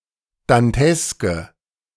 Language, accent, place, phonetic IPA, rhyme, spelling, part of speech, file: German, Germany, Berlin, [danˈtɛskə], -ɛskə, danteske, adjective, De-danteske.ogg
- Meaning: inflection of dantesk: 1. strong/mixed nominative/accusative feminine singular 2. strong nominative/accusative plural 3. weak nominative all-gender singular 4. weak accusative feminine/neuter singular